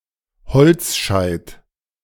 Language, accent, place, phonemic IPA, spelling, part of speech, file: German, Germany, Berlin, /ˈhɔltsʃaɪ̯t/, Holzscheit, noun, De-Holzscheit.ogg
- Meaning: log (split wood used as firewood)